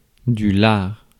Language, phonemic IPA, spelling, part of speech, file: French, /laʁ/, lard, noun, Fr-lard.ogg
- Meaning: 1. bacon 2. lard, fat